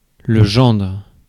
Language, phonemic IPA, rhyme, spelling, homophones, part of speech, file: French, /ʒɑ̃dʁ/, -ɑ̃dʁ, gendre, gendres, noun, Fr-gendre.ogg
- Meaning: son-in-law